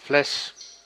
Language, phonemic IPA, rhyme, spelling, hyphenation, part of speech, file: Dutch, /flɛs/, -ɛs, fles, fles, noun, Nl-fles.ogg
- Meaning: bottle